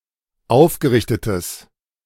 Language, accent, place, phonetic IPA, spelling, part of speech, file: German, Germany, Berlin, [ˈaʊ̯fɡəˌʁɪçtətəs], aufgerichtetes, adjective, De-aufgerichtetes.ogg
- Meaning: strong/mixed nominative/accusative neuter singular of aufgerichtet